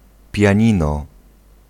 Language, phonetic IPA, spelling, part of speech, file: Polish, [pʲjä̃ˈɲĩnɔ], pianino, noun, Pl-pianino.ogg